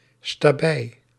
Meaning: a long-haired breed of dog originating from Friesland, historically used as retriever, pointer, hound, watchdog and cart-dog
- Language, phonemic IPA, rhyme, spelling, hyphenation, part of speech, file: Dutch, /staːˈbɛi̯/, -ɛi̯, stabij, sta‧bij, noun, Nl-stabij.ogg